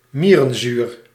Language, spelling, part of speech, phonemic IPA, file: Dutch, mierenzuur, noun, /ˈmiːrə(n)ˌzyːr/, Nl-mierenzuur.ogg
- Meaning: formic acid